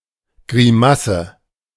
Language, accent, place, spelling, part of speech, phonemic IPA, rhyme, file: German, Germany, Berlin, Grimasse, noun, /ɡʁiˈmasə/, -asə, De-Grimasse.ogg
- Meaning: grimace, gurn